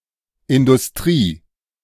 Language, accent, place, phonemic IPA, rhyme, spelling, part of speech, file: German, Germany, Berlin, /ɪndʊsˈtʁiː/, -iː, Industrie, noun, De-Industrie.ogg
- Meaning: industry